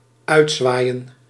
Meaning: 1. to wave goodbye during departure (usually by those who are seeing the departer off, occasionally used of the departer) 2. to swing outward
- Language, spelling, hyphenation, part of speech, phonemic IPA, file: Dutch, uitzwaaien, uit‧zwaai‧en, verb, /ˈœy̯tˌzʋaːi̯ə(n)/, Nl-uitzwaaien.ogg